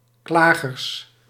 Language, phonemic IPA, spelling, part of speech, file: Dutch, /ˈklaɣərs/, klagers, noun, Nl-klagers.ogg
- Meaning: plural of klager